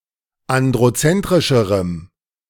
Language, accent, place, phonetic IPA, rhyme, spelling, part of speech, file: German, Germany, Berlin, [ˌandʁoˈt͡sɛntʁɪʃəʁəm], -ɛntʁɪʃəʁəm, androzentrischerem, adjective, De-androzentrischerem.ogg
- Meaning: strong dative masculine/neuter singular comparative degree of androzentrisch